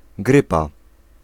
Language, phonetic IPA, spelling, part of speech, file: Polish, [ˈɡrɨpa], grypa, noun, Pl-grypa.ogg